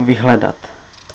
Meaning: to look up, to search, to search for [with accusative ‘’] (in a text source)
- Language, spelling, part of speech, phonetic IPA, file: Czech, vyhledat, verb, [ˈvɪɦlɛdat], Cs-vyhledat.ogg